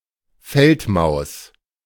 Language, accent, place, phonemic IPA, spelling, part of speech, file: German, Germany, Berlin, /ˈfɛltmaʊ̯s/, Feldmaus, noun, De-Feldmaus.ogg
- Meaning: field mouse